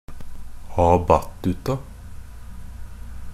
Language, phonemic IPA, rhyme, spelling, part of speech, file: Norwegian Bokmål, /ɑːˈbatːʉta/, -ʉta, a battuta, adverb, NB - Pronunciation of Norwegian Bokmål «a battuta».ogg
- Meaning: a battuta (with the beat, a direction to resume strict time after the free declamation of a singer; chiefly used in recitatives.)